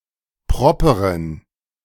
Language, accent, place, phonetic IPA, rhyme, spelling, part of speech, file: German, Germany, Berlin, [ˈpʁɔpəʁən], -ɔpəʁən, properen, adjective, De-properen.ogg
- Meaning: inflection of proper: 1. strong genitive masculine/neuter singular 2. weak/mixed genitive/dative all-gender singular 3. strong/weak/mixed accusative masculine singular 4. strong dative plural